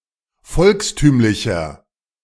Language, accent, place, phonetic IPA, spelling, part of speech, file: German, Germany, Berlin, [ˈfɔlksˌtyːmlɪçɐ], volkstümlicher, adjective, De-volkstümlicher.ogg
- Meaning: inflection of volkstümlich: 1. strong/mixed nominative masculine singular 2. strong genitive/dative feminine singular 3. strong genitive plural